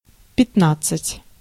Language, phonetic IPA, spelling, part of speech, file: Russian, [pʲɪtˈnat͡s(ː)ɨtʲ], пятнадцать, numeral, Ru-пятнадцать.ogg
- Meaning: fifteen (15)